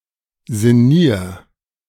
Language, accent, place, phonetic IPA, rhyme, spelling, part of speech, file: German, Germany, Berlin, [zɪˈniːɐ̯], -iːɐ̯, sinnier, verb, De-sinnier.ogg
- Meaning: singular imperative of sinnieren